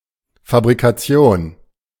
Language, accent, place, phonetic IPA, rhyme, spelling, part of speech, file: German, Germany, Berlin, [fabʁikaˈt͡si̯oːn], -oːn, Fabrikation, noun, De-Fabrikation.ogg
- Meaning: the act or process of manufacturing something